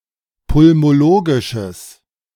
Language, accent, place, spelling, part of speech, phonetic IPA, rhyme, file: German, Germany, Berlin, pulmologisches, adjective, [pʊlmoˈloːɡɪʃəs], -oːɡɪʃəs, De-pulmologisches.ogg
- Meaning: strong/mixed nominative/accusative neuter singular of pulmologisch